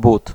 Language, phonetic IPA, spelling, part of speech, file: Polish, [but], but, noun, Pl-but.ogg